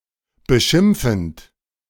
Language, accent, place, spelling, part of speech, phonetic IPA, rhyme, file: German, Germany, Berlin, beschimpfend, verb, [bəˈʃɪmp͡fn̩t], -ɪmp͡fn̩t, De-beschimpfend.ogg
- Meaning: present participle of beschimpfen